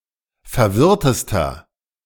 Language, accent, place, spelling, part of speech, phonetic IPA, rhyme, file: German, Germany, Berlin, verwirrtester, adjective, [fɛɐ̯ˈvɪʁtəstɐ], -ɪʁtəstɐ, De-verwirrtester.ogg
- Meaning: inflection of verwirrt: 1. strong/mixed nominative masculine singular superlative degree 2. strong genitive/dative feminine singular superlative degree 3. strong genitive plural superlative degree